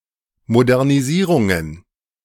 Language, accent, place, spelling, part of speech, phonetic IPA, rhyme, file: German, Germany, Berlin, Modernisierungen, noun, [modɛʁniˈziːʁʊŋən], -iːʁʊŋən, De-Modernisierungen.ogg
- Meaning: plural of Modernisierung